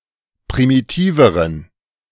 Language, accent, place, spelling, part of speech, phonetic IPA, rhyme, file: German, Germany, Berlin, primitiveren, adjective, [pʁimiˈtiːvəʁən], -iːvəʁən, De-primitiveren.ogg
- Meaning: inflection of primitiv: 1. strong genitive masculine/neuter singular comparative degree 2. weak/mixed genitive/dative all-gender singular comparative degree